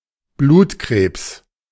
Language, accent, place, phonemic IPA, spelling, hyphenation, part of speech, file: German, Germany, Berlin, /ˈbluːtˌkʁeːps/, Blutkrebs, Blut‧krebs, noun, De-Blutkrebs.ogg
- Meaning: leukemia